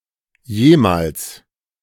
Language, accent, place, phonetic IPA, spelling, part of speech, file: German, Germany, Berlin, [ˈjeːmals], jemals, adverb, De-jemals.ogg
- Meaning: ever